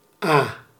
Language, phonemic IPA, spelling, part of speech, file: Dutch, /aː/, a, character / noun / pronoun, Nl-a.ogg
- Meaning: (character) The first letter of the Dutch alphabet, written in the Latin script; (noun) a stream of water; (pronoun) alternative form of u (“you”, objective or reflexive pronoun)